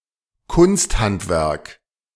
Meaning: 1. handicraft 2. crafts
- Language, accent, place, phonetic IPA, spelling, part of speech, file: German, Germany, Berlin, [ˈkʊnstˌhantvɛʁk], Kunsthandwerk, noun, De-Kunsthandwerk.ogg